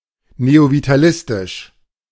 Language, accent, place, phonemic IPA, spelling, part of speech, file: German, Germany, Berlin, /neovitaˈlɪstɪʃ/, neovitalistisch, adjective, De-neovitalistisch.ogg
- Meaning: neovitalistic